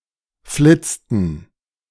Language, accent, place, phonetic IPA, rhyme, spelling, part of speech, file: German, Germany, Berlin, [ˈflɪt͡stn̩], -ɪt͡stn̩, flitzten, verb, De-flitzten.ogg
- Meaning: inflection of flitzen: 1. first/third-person plural preterite 2. first/third-person plural subjunctive II